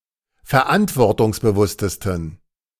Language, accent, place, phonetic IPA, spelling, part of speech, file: German, Germany, Berlin, [fɛɐ̯ˈʔantvɔʁtʊŋsbəˌvʊstəstn̩], verantwortungsbewusstesten, adjective, De-verantwortungsbewusstesten.ogg
- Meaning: 1. superlative degree of verantwortungsbewusst 2. inflection of verantwortungsbewusst: strong genitive masculine/neuter singular superlative degree